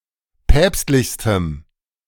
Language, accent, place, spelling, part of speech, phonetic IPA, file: German, Germany, Berlin, päpstlichstem, adjective, [ˈpɛːpstlɪçstəm], De-päpstlichstem.ogg
- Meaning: strong dative masculine/neuter singular superlative degree of päpstlich